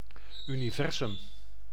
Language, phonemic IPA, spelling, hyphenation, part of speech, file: Dutch, /ˌy.niˈvɛr.zʏm/, universum, uni‧ver‧sum, noun, Nl-universum.ogg
- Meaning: universe